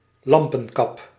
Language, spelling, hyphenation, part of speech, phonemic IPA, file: Dutch, lampenkap, lam‧pen‧kap, noun, /ˈlɑm.pə(n)ˌkɑp/, Nl-lampenkap.ogg
- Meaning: a lampshade